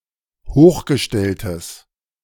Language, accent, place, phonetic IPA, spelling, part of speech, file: German, Germany, Berlin, [ˈhoːxɡəˌʃtɛltəs], hochgestelltes, adjective, De-hochgestelltes.ogg
- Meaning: strong/mixed nominative/accusative neuter singular of hochgestellt